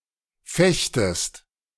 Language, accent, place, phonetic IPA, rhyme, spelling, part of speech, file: German, Germany, Berlin, [ˈfɛçtəst], -ɛçtəst, fechtest, verb, De-fechtest.ogg
- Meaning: second-person singular subjunctive I of fechten